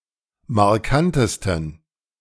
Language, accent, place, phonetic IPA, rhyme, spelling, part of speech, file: German, Germany, Berlin, [maʁˈkantəstn̩], -antəstn̩, markantesten, adjective, De-markantesten.ogg
- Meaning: 1. superlative degree of markant 2. inflection of markant: strong genitive masculine/neuter singular superlative degree